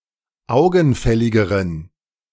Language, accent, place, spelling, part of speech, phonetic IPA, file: German, Germany, Berlin, augenfälligeren, adjective, [ˈaʊ̯ɡn̩ˌfɛlɪɡəʁən], De-augenfälligeren.ogg
- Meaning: inflection of augenfällig: 1. strong genitive masculine/neuter singular comparative degree 2. weak/mixed genitive/dative all-gender singular comparative degree